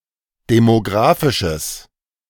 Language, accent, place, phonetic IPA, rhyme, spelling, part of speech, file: German, Germany, Berlin, [demoˈɡʁaːfɪʃəs], -aːfɪʃəs, demografisches, adjective, De-demografisches.ogg
- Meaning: strong/mixed nominative/accusative neuter singular of demografisch